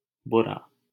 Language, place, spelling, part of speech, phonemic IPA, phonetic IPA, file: Hindi, Delhi, बुरा, adjective, /bʊ.ɾɑː/, [bʊ.ɾäː], LL-Q1568 (hin)-बुरा.wav
- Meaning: 1. bad 2. wicked, evil 3. injurious